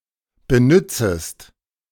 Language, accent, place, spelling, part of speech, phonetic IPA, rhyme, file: German, Germany, Berlin, benützest, verb, [bəˈnʏt͡səst], -ʏt͡səst, De-benützest.ogg
- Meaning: second-person singular subjunctive I of benützen